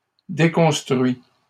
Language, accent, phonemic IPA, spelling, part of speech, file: French, Canada, /de.kɔ̃s.tʁɥi/, déconstruit, verb, LL-Q150 (fra)-déconstruit.wav
- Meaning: 1. past participle of déconstruire 2. third-person singular present indicative of déconstruire